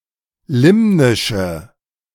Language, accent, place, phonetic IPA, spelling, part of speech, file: German, Germany, Berlin, [ˈlɪmnɪʃə], limnische, adjective, De-limnische.ogg
- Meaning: inflection of limnisch: 1. strong/mixed nominative/accusative feminine singular 2. strong nominative/accusative plural 3. weak nominative all-gender singular